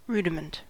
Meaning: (noun) 1. A fundamental principle or skill, especially in a field of learning 2. A form that lacks full or complex development 3. A body part that no longer has a function
- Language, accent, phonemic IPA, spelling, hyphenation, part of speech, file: English, US, /ˈɹuːdɪmənt/, rudiment, ru‧di‧ment, noun / verb, En-us-rudiment.ogg